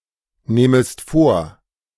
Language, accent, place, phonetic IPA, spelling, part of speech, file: German, Germany, Berlin, [ˌnɛːməst ˈfoːɐ̯], nähmest vor, verb, De-nähmest vor.ogg
- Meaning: second-person singular subjunctive II of vornehmen